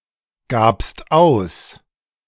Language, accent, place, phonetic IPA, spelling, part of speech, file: German, Germany, Berlin, [ˌɡaːpst ˈaʊ̯s], gabst aus, verb, De-gabst aus.ogg
- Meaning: second-person singular preterite of ausgeben